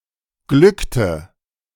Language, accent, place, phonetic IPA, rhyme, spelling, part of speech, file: German, Germany, Berlin, [ˈɡlʏktə], -ʏktə, glückte, verb, De-glückte.ogg
- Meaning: inflection of glücken: 1. first/third-person singular preterite 2. first/third-person singular subjunctive II